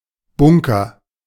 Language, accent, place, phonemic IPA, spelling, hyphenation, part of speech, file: German, Germany, Berlin, /ˈbʊŋkɐ/, Bunker, Bun‧ker, noun, De-Bunker.ogg
- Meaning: 1. bunker (hardened shelter) 2. bunker (obstacle on a golf course)